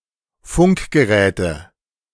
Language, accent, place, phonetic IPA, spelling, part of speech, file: German, Germany, Berlin, [ˈfʊŋkɡəˌʁɛːtə], Funkgeräte, noun, De-Funkgeräte.ogg
- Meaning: nominative/accusative/genitive plural of Funkgerät